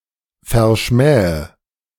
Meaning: inflection of verschmähen: 1. first-person singular present 2. singular imperative 3. first/third-person singular subjunctive I
- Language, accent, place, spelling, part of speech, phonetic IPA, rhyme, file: German, Germany, Berlin, verschmähe, verb, [fɛɐ̯ˈʃmɛːə], -ɛːə, De-verschmähe.ogg